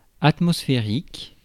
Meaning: atmospheric
- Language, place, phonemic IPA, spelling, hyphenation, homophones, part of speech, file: French, Paris, /at.mɔs.fe.ʁik/, atmosphérique, at‧mos‧phé‧rique, atmosphériques, adjective, Fr-atmosphérique.ogg